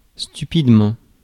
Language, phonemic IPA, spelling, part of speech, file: French, /sty.pid.mɑ̃/, stupidement, adverb, Fr-stupidement.ogg
- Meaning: stupidly